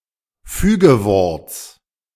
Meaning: genitive of Fügewort
- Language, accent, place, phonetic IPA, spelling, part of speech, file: German, Germany, Berlin, [ˈfyːɡəˌvɔʁt͡s], Fügeworts, noun, De-Fügeworts.ogg